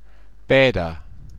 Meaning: 1. a male given name, feminine equivalent Petra 2. A common surname
- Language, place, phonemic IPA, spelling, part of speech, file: German, Bavaria, /ˈpeːtɐ/, Peter, proper noun, BY-Peter.ogg